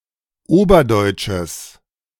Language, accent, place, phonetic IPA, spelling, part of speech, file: German, Germany, Berlin, [ˈoːbɐˌdɔɪ̯t͡ʃəs], oberdeutsches, adjective, De-oberdeutsches.ogg
- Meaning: strong/mixed nominative/accusative neuter singular of oberdeutsch